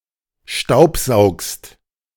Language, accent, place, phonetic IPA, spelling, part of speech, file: German, Germany, Berlin, [ˈʃtaʊ̯pˌzaʊ̯kst], staubsaugst, verb, De-staubsaugst.ogg
- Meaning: second-person singular present of staubsaugen